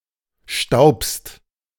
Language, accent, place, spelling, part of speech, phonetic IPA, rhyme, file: German, Germany, Berlin, staubst, verb, [ʃtaʊ̯pst], -aʊ̯pst, De-staubst.ogg
- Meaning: second-person singular present of stauben